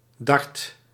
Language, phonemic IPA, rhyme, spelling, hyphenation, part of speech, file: Dutch, /dɑrt/, -ɑrt, dart, dart, noun, Nl-dart.ogg
- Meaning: dart